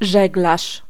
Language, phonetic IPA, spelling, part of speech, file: Polish, [ˈʒɛɡlaʃ], żeglarz, noun, Pl-żeglarz.ogg